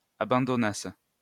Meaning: second-person singular imperfect subjunctive of abandonner
- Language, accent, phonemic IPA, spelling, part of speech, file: French, France, /a.bɑ̃.dɔ.nas/, abandonnasses, verb, LL-Q150 (fra)-abandonnasses.wav